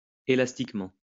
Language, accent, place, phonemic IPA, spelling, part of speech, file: French, France, Lyon, /e.las.tik.mɑ̃/, élastiquement, adverb, LL-Q150 (fra)-élastiquement.wav
- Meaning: 1. elastically 2. resiliently